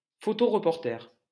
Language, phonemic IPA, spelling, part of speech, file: French, /fɔ.to.ʁ(ə).pɔʁ.tɛʁ/, photoreporter, noun, LL-Q150 (fra)-photoreporter.wav
- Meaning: photojournalist